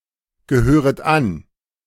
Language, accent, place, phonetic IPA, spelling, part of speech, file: German, Germany, Berlin, [ɡəˌhøːʁət ˈan], gehöret an, verb, De-gehöret an.ogg
- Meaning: second-person plural subjunctive I of angehören